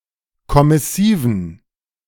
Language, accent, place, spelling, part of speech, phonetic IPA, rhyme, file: German, Germany, Berlin, kommissiven, adjective, [kɔmɪˈsiːvn̩], -iːvn̩, De-kommissiven.ogg
- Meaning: inflection of kommissiv: 1. strong genitive masculine/neuter singular 2. weak/mixed genitive/dative all-gender singular 3. strong/weak/mixed accusative masculine singular 4. strong dative plural